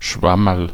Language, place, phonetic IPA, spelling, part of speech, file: German, Bavaria, [ˈʃvɑmɐl], Schwammerl, noun, Bar-Schwammerl.ogg
- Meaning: 1. mushroom 2. fool